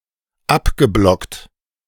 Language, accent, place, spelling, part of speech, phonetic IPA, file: German, Germany, Berlin, abgeblockt, verb, [ˈapɡəˌblɔkt], De-abgeblockt.ogg
- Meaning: past participle of abblocken